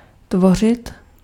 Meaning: 1. [with accusative ‘’] to create, to form 2. [with accusative ‘’] to form, to take shape 3. [with accusative ‘’] to constitute, to form, to make up, to compose
- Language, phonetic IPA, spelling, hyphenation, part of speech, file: Czech, [ˈtvor̝ɪt], tvořit, tvo‧řit, verb, Cs-tvořit.ogg